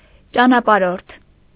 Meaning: traveller, wayfarer
- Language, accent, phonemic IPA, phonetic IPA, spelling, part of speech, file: Armenian, Eastern Armenian, /t͡ʃɑnɑpɑˈɾoɾtʰ/, [t͡ʃɑnɑpɑɾóɾtʰ], ճանապարհորդ, noun, Hy-ճանապարհորդ.ogg